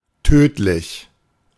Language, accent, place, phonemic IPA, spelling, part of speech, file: German, Germany, Berlin, /ˈtøːtlɪç/, tödlich, adjective, De-tödlich.ogg
- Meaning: deadly, mortal, lethal, fatal